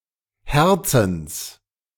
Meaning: genitive singular of Herz
- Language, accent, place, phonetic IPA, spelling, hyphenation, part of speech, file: German, Germany, Berlin, [ˈhɛʁt͡sn̩s], Herzens, Her‧zens, noun, De-Herzens.ogg